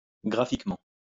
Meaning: graphically (with respect to graphics)
- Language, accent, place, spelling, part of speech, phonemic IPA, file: French, France, Lyon, graphiquement, adverb, /ɡʁa.fik.mɑ̃/, LL-Q150 (fra)-graphiquement.wav